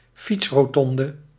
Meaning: a bicycle roundabout
- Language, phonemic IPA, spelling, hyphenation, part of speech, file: Dutch, /ˈfits.roːˌtɔn.də/, fietsrotonde, fiets‧ro‧ton‧de, noun, Nl-fietsrotonde.ogg